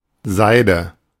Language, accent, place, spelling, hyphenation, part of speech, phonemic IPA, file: German, Germany, Berlin, Seide, Sei‧de, noun, /ˈzaɪ̯də/, De-Seide.ogg
- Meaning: 1. silk 2. Any of several parasitic vines, of the genus Cuscuta, having small white flowers but no leaves